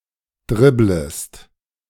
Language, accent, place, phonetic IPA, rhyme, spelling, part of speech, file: German, Germany, Berlin, [ˈdʁɪbləst], -ɪbləst, dribblest, verb, De-dribblest.ogg
- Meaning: second-person singular subjunctive I of dribbeln